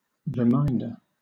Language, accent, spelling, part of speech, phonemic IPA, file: English, Southern England, reminder, noun, /ɹɪˈmaɪndə(ɹ)/, LL-Q1860 (eng)-reminder.wav
- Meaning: 1. Someone or something that reminds 2. Writing that reminds of open payments